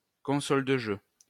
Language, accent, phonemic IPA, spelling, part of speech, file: French, France, /kɔ̃.sɔl də ʒø/, console de jeu, noun, LL-Q150 (fra)-console de jeu.wav
- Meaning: video game console